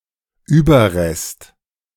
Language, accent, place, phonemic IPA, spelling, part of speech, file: German, Germany, Berlin, /ˈyːbɐˌʁɛst/, Überrest, noun, De-Überrest.ogg
- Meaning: 1. residue, remnant, leftover, relic 2. remains, corpse 3. remains, leftover(s): non-traditional source (inadvertently produced source of information of historiographical interest)